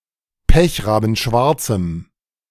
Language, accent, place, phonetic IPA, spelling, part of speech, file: German, Germany, Berlin, [ˈpɛçʁaːbn̩ˌʃvaʁt͡sm̩], pechrabenschwarzem, adjective, De-pechrabenschwarzem.ogg
- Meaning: strong dative masculine/neuter singular of pechrabenschwarz